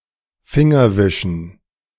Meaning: dative plural of Fingerwisch
- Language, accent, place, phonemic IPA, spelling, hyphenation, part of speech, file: German, Germany, Berlin, /ˈfɪŋɐˌvɪʃn̩/, Fingerwischen, Fin‧ger‧wi‧schen, noun, De-Fingerwischen.ogg